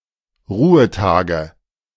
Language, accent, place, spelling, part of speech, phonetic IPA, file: German, Germany, Berlin, Ruhetage, noun, [ˈʁuːəˌtaːɡə], De-Ruhetage.ogg
- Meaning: nominative/accusative/genitive plural of Ruhetag